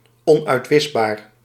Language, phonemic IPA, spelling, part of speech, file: Dutch, /ˌɔnœytˈwɪzbar/, onuitwisbaar, adjective, Nl-onuitwisbaar.ogg
- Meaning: 1. unerasable 2. indelible